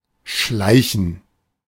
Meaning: 1. to move in a quiet and inconspicuous manner, hence often slowly and/or ducked: to crawl, to sneak, to steal, to prowl, to creep, to slither (of a snake) 2. to go somewhere in the above manner
- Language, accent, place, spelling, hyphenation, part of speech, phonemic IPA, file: German, Germany, Berlin, schleichen, schlei‧chen, verb, /ˈʃlaɪ̯çən/, De-schleichen.ogg